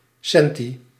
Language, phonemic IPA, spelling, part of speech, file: Dutch, /ˈsɛn.ti/, centi-, prefix, Nl-centi-.ogg
- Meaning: centi-